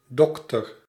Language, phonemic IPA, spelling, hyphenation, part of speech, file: Dutch, /ˈdɔk.tər/, dokter, dok‧ter, noun, Nl-dokter.ogg
- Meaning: doctor (physician, medical doctor)